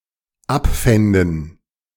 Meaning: first/third-person plural dependent subjunctive II of abfinden
- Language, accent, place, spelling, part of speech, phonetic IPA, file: German, Germany, Berlin, abfänden, verb, [ˈapˌfɛndn̩], De-abfänden.ogg